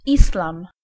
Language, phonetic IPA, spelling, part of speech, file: Polish, [ˈislãm], islam, noun, Pl-islam.ogg